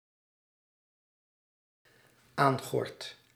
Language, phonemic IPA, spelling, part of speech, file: Dutch, /ˈaŋɣɔrt/, aangordt, verb, Nl-aangordt.ogg
- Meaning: second/third-person singular dependent-clause present indicative of aangorden